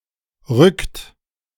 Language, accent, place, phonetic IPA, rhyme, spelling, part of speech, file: German, Germany, Berlin, [ʁʏkt], -ʏkt, rückt, verb, De-rückt.ogg
- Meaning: inflection of rücken: 1. second-person plural present 2. third-person singular present 3. plural imperative